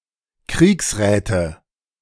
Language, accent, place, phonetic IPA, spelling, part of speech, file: German, Germany, Berlin, [ˈkʁiːksˌʁɛːtə], Kriegsräte, noun, De-Kriegsräte.ogg
- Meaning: nominative/accusative/genitive plural of Kriegsrat